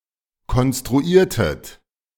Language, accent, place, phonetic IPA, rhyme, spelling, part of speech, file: German, Germany, Berlin, [kɔnstʁuˈiːɐ̯tət], -iːɐ̯tət, konstruiertet, verb, De-konstruiertet.ogg
- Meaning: inflection of konstruieren: 1. second-person plural preterite 2. second-person plural subjunctive II